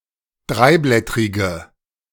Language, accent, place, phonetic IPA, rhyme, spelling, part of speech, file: German, Germany, Berlin, [ˈdʁaɪ̯ˌblɛtʁɪɡə], -aɪ̯blɛtʁɪɡə, dreiblättrige, adjective, De-dreiblättrige.ogg
- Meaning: inflection of dreiblättrig: 1. strong/mixed nominative/accusative feminine singular 2. strong nominative/accusative plural 3. weak nominative all-gender singular